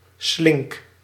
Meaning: inflection of slinken: 1. first-person singular present indicative 2. second-person singular present indicative 3. imperative
- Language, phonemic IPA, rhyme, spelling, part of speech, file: Dutch, /slɪŋk/, -ɪŋk, slink, verb, Nl-slink.ogg